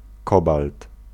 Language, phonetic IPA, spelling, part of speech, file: Polish, [ˈkɔbalt], kobalt, noun, Pl-kobalt.ogg